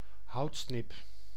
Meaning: Eurasian woodcock (Scolopax rusticola)
- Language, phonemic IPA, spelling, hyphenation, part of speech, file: Dutch, /ˈɦɑu̯t.snɪp/, houtsnip, hout‧snip, noun, Nl-houtsnip.ogg